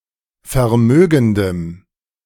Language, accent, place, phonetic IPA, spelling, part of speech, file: German, Germany, Berlin, [fɛɐ̯ˈmøːɡn̩dəm], vermögendem, adjective, De-vermögendem.ogg
- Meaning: strong dative masculine/neuter singular of vermögend